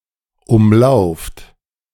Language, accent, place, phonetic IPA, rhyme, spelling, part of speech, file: German, Germany, Berlin, [ˈʊmˌlaʊ̯ft], -ʊmlaʊ̯ft, umlauft, verb, De-umlauft.ogg
- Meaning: inflection of umlaufen: 1. second-person plural present 2. plural imperative